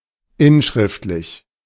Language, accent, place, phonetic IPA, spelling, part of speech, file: German, Germany, Berlin, [ˈɪnˌʃʁɪftlɪç], inschriftlich, adjective, De-inschriftlich.ogg
- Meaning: inscriptive